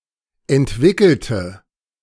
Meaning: inflection of entwickeln: 1. first/third-person singular preterite 2. first/third-person singular subjunctive II
- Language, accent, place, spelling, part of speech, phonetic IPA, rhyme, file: German, Germany, Berlin, entwickelte, adjective / verb, [ɛntˈvɪkl̩tə], -ɪkl̩tə, De-entwickelte.ogg